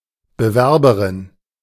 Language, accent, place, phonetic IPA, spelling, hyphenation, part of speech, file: German, Germany, Berlin, [bəˈvɛʁbəʀɪn], Bewerberin, Be‧wer‧be‧rin, noun, De-Bewerberin.ogg
- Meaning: female applicant